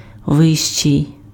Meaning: comparative degree of висо́кий (vysókyj): 1. higher 2. taller
- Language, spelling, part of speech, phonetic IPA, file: Ukrainian, вищий, adjective, [ˈʋɪʃt͡ʃei̯], Uk-вищий.ogg